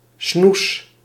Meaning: sweetheart, darling
- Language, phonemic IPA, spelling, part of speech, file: Dutch, /snus/, snoes, noun, Nl-snoes.ogg